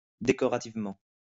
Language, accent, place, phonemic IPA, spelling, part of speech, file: French, France, Lyon, /de.kɔ.ʁa.tiv.mɑ̃/, décorativement, adverb, LL-Q150 (fra)-décorativement.wav
- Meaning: decoratively